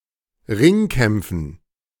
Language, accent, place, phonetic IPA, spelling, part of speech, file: German, Germany, Berlin, [ˈʁɪŋˌkɛmp͡fn̩], Ringkämpfen, noun, De-Ringkämpfen.ogg
- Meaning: dative plural of Ringkampf